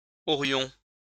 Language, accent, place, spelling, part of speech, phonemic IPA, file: French, France, Lyon, aurions, verb, /ɔ.ʁjɔ̃/, LL-Q150 (fra)-aurions.wav
- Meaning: first-person plural conditional of avoir